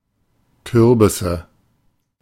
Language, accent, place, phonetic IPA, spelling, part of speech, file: German, Germany, Berlin, [ˈkʏʁbɪsə], Kürbisse, noun, De-Kürbisse.ogg
- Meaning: nominative/accusative/genitive plural of Kürbis